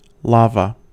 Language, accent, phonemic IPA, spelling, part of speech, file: English, US, /ˈlɑvə/, lava, noun, En-us-lava.ogg
- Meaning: 1. The molten rock ejected by a volcano from a vent such as a crater or fissure; magma that has breached the surface of the earth 2. A body of lava 3. Solidified lava 4. Magma